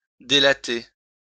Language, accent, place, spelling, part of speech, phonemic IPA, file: French, France, Lyon, délatter, verb, /de.la.te/, LL-Q150 (fra)-délatter.wav
- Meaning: to unlath